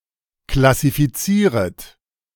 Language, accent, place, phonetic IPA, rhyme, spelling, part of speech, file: German, Germany, Berlin, [klasifiˈt͡siːʁət], -iːʁət, klassifizieret, verb, De-klassifizieret.ogg
- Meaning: second-person plural subjunctive I of klassifizieren